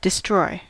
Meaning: 1. To damage beyond use or repair; to damage (something) to the point that it effectively ceases to exist 2. To neutralize, undo a property or condition 3. To put down or euthanize
- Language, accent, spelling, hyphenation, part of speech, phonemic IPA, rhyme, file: English, US, destroy, de‧stroy, verb, /dɪˈstɹɔɪ/, -ɔɪ, En-us-destroy.ogg